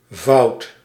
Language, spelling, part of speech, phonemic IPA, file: Dutch, -voud, suffix, /vɑu̯t/, Nl--voud.ogg
- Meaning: -fold